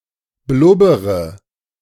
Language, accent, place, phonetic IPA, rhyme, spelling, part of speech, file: German, Germany, Berlin, [ˈblʊbəʁə], -ʊbəʁə, blubbere, verb, De-blubbere.ogg
- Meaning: inflection of blubbern: 1. first-person singular present 2. first/third-person singular subjunctive I 3. singular imperative